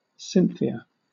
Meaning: 1. Artemis (Greek goddess) 2. The Moon 3. A female given name from Ancient Greek
- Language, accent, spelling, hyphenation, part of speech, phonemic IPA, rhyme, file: English, Southern England, Cynthia, Cyn‧thi‧a, proper noun, /ˈsɪn.θi.ə/, -ɪnθiə, LL-Q1860 (eng)-Cynthia.wav